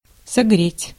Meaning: to warm up
- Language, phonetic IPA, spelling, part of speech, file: Russian, [sɐˈɡrʲetʲ], согреть, verb, Ru-согреть.ogg